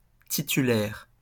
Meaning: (adjective) 1. tenured, permanent, titular 2. in the starting team, as opposed to a substitute; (noun) 1. a permanent staff member 2. a holder (of an account, a name, a title, etc.)
- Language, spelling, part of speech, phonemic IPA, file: French, titulaire, adjective / noun, /ti.ty.lɛʁ/, LL-Q150 (fra)-titulaire.wav